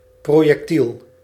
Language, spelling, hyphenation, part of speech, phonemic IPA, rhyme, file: Dutch, projectiel, pro‧jec‧tiel, noun, /ˌproː.jɛkˈtil/, -il, Nl-projectiel.ogg
- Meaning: projectile